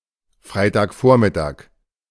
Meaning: Friday morning (time before noon)
- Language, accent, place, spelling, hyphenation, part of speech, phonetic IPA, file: German, Germany, Berlin, Freitagvormittag, Frei‧tag‧vor‧mit‧tag, noun, [ˈfʀaɪ̯taːkˌfoːɐ̯mɪtaːk], De-Freitagvormittag.ogg